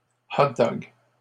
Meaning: plural of hot-dog
- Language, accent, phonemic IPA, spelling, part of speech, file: French, Canada, /ɔt.dɔɡ/, hot-dogs, noun, LL-Q150 (fra)-hot-dogs.wav